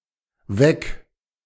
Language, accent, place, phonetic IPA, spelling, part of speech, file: German, Germany, Berlin, [vɛk], weg-, prefix, De-weg-.ogg
- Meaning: away